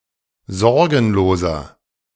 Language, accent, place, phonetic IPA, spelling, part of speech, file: German, Germany, Berlin, [ˈzɔʁɡn̩loːzɐ], sorgenloser, adjective, De-sorgenloser.ogg
- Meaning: 1. comparative degree of sorgenlos 2. inflection of sorgenlos: strong/mixed nominative masculine singular 3. inflection of sorgenlos: strong genitive/dative feminine singular